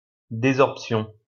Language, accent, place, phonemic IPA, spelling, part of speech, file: French, France, Lyon, /de.zɔʁp.sjɔ̃/, désorption, noun, LL-Q150 (fra)-désorption.wav
- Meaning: desorption